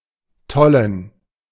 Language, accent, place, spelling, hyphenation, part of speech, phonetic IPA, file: German, Germany, Berlin, tollen, tol‧len, verb / adjective, [ˈtɔlən], De-tollen.ogg
- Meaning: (verb) to romp, gambol, cavort; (adjective) inflection of toll: 1. strong genitive masculine/neuter singular 2. weak/mixed genitive/dative all-gender singular